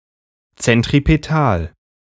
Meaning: centripetal
- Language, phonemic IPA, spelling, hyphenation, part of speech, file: German, /t͡sɛntʁipeˈtaːl/, zentripetal, zen‧t‧ri‧pe‧tal, adjective, De-zentripetal.ogg